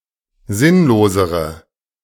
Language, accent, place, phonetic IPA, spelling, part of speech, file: German, Germany, Berlin, [ˈzɪnloːzəʁə], sinnlosere, adjective, De-sinnlosere.ogg
- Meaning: inflection of sinnlos: 1. strong/mixed nominative/accusative feminine singular comparative degree 2. strong nominative/accusative plural comparative degree